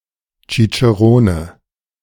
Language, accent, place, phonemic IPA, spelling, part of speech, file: German, Germany, Berlin, /t͡ʃit͡ʃeˈʁoːnə/, Cicerone, noun, De-Cicerone.ogg
- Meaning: cicerone (guide who accompanies visitors)